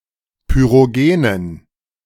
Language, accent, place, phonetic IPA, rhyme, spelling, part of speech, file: German, Germany, Berlin, [pyʁoˈɡeːnən], -eːnən, pyrogenen, adjective, De-pyrogenen.ogg
- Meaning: inflection of pyrogen: 1. strong genitive masculine/neuter singular 2. weak/mixed genitive/dative all-gender singular 3. strong/weak/mixed accusative masculine singular 4. strong dative plural